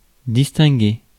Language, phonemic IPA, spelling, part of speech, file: French, /dis.tɛ̃.ɡe/, distinguer, verb, Fr-distinguer.ogg
- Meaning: 1. to distinguish 2. to make out (with one of the senses, often visually) 3. to be distinguished